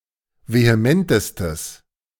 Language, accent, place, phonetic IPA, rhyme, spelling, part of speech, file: German, Germany, Berlin, [veheˈmɛntəstəs], -ɛntəstəs, vehementestes, adjective, De-vehementestes.ogg
- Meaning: strong/mixed nominative/accusative neuter singular superlative degree of vehement